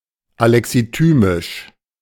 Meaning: alexithymic
- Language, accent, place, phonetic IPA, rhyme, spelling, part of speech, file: German, Germany, Berlin, [alɛksiˈtyːmɪʃ], -yːmɪʃ, alexithymisch, adjective, De-alexithymisch.ogg